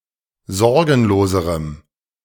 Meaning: strong dative masculine/neuter singular comparative degree of sorgenlos
- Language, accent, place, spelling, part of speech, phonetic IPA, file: German, Germany, Berlin, sorgenloserem, adjective, [ˈzɔʁɡn̩loːzəʁəm], De-sorgenloserem.ogg